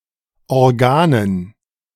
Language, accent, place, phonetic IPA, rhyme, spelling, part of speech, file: German, Germany, Berlin, [ɔʁˈɡaːnən], -aːnən, Organen, noun, De-Organen.ogg
- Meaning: dative plural of Organ